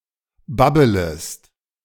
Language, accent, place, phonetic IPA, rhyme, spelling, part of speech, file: German, Germany, Berlin, [ˈbabələst], -abələst, babbelest, verb, De-babbelest.ogg
- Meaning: second-person singular subjunctive I of babbeln